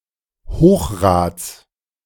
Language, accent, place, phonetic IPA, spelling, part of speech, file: German, Germany, Berlin, [ˈhoːxˌʁaːt͡s], Hochrads, noun, De-Hochrads.ogg
- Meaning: genitive singular of Hochrad